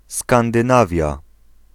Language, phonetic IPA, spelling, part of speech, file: Polish, [ˌskãndɨ̃ˈnavʲja], Skandynawia, proper noun, Pl-Skandynawia.ogg